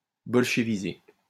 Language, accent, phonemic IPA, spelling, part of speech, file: French, France, /bɔl.ʃə.vi.ze/, bolcheviser, verb, LL-Q150 (fra)-bolcheviser.wav
- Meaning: to bolshevize